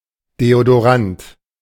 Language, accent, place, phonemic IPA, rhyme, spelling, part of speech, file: German, Germany, Berlin, /ˌdeː.o.doˈʁant/, -ant, Deodorant, noun, De-Deodorant.ogg
- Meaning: deodorant